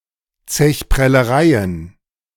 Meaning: plural of Zechprellerei
- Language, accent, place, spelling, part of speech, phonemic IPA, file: German, Germany, Berlin, Zechprellereien, noun, /ˌt͡sɛç.pʁɛləˈʁaɪ̯ən/, De-Zechprellereien.ogg